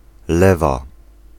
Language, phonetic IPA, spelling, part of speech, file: Polish, [ˈlɛva], lewa, noun / adjective, Pl-lewa.ogg